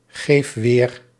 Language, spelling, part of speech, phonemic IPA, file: Dutch, geef weer, verb, /ˈɣef ˈwer/, Nl-geef weer.ogg
- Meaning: inflection of weergeven: 1. first-person singular present indicative 2. second-person singular present indicative 3. imperative